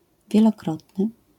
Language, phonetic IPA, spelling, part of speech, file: Polish, [ˌvʲjɛlɔˈkrɔtnɨ], wielokrotny, adjective, LL-Q809 (pol)-wielokrotny.wav